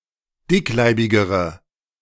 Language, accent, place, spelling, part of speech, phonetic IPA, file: German, Germany, Berlin, dickleibigere, adjective, [ˈdɪkˌlaɪ̯bɪɡəʁə], De-dickleibigere.ogg
- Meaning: inflection of dickleibig: 1. strong/mixed nominative/accusative feminine singular comparative degree 2. strong nominative/accusative plural comparative degree